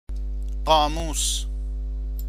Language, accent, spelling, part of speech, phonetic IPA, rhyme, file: Persian, Iran, قاموس, noun, [qɒː.muːs], -uːs, Fa-قاموس.ogg
- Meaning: 1. dictionary 2. ocean